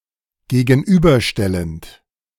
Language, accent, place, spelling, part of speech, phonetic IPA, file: German, Germany, Berlin, gegenüberstellend, verb, [ɡeːɡn̩ˈʔyːbɐˌʃtɛlənt], De-gegenüberstellend.ogg
- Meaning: present participle of gegenüberstellen